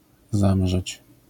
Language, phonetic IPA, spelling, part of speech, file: Polish, [ˈzãmʒɛt͡ɕ], zamrzeć, verb, LL-Q809 (pol)-zamrzeć.wav